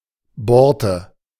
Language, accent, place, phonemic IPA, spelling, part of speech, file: German, Germany, Berlin, /ˈbɔʁtə/, Borte, noun, De-Borte.ogg
- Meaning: 1. border, edging 2. braid